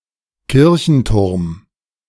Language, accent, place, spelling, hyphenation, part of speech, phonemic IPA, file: German, Germany, Berlin, Kirchenturm, Kir‧chen‧turm, noun, /ˈkɪʁçənˌtʊʁm/, De-Kirchenturm.ogg
- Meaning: steeple, church tower